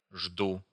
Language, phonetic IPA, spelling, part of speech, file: Russian, [ʐdu], жду, verb, Ru-жду.ogg
- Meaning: first-person singular present indicative imperfective of ждать (ždatʹ)